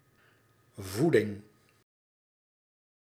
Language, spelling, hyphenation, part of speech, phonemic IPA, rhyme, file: Dutch, voeding, voe‧ding, noun, /ˈvu.dɪŋ/, -udɪŋ, Nl-voeding.ogg
- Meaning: 1. food (for people), diet 2. nutrition 3. power supply